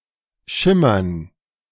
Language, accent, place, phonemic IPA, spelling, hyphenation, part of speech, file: German, Germany, Berlin, /ˈʃɪmɐn/, Schimmern, Schim‧mern, noun, De-Schimmern.ogg
- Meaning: 1. gerund of schimmern 2. dative plural of Schimmer